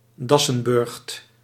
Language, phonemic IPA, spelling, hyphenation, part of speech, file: Dutch, /ˈdɑ.sə(n)ˌbʏrxt/, dassenburcht, das‧sen‧burcht, noun, Nl-dassenburcht.ogg
- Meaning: badger burrow